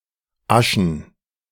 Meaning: ash-gray
- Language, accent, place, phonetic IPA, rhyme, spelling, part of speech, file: German, Germany, Berlin, [ˈaʃn̩], -aʃn̩, aschen, verb / adjective, De-aschen.ogg